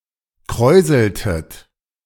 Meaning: inflection of kräuseln: 1. second-person plural preterite 2. second-person plural subjunctive II
- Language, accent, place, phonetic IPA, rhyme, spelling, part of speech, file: German, Germany, Berlin, [ˈkʁɔɪ̯zl̩tət], -ɔɪ̯zl̩tət, kräuseltet, verb, De-kräuseltet.ogg